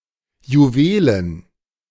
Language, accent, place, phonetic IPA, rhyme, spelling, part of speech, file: German, Germany, Berlin, [juˈveːlən], -eːlən, Juwelen, noun, De-Juwelen.ogg
- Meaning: plural of Juwel